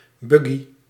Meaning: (noun) 1. a baby buggy, a pushchair, a stroller 2. a buggy (small motor vehicle); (adjective) Buggy, containing programming errors
- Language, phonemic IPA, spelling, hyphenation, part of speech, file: Dutch, /ˈbʏ.ɡi/, buggy, bug‧gy, noun / adjective, Nl-buggy.ogg